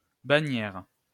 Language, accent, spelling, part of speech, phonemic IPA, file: French, France, bannière, noun, /ba.njɛʁ/, LL-Q150 (fra)-bannière.wav
- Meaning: banner